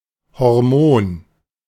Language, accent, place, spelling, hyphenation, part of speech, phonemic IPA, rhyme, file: German, Germany, Berlin, Hormon, Hor‧mon, noun, /hɔʁˈmoːn/, -oːn, De-Hormon.ogg
- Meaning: hormone